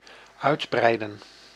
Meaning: 1. to extend, to expand 2. to escalate, to become more serious
- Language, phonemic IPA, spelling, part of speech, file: Dutch, /ˈœydbrɛidə(n)/, uitbreiden, verb, Nl-uitbreiden.ogg